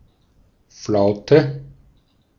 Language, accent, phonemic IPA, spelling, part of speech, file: German, Austria, /ˈflaʊ̯tə/, Flaute, noun, De-at-Flaute.ogg
- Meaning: 1. calm (period free from wind) 2. lull, slack, slack period